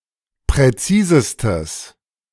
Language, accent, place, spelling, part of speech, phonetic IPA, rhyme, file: German, Germany, Berlin, präzisestes, adjective, [pʁɛˈt͡siːzəstəs], -iːzəstəs, De-präzisestes.ogg
- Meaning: 1. strong/mixed nominative/accusative neuter singular superlative degree of präzis 2. strong/mixed nominative/accusative neuter singular superlative degree of präzise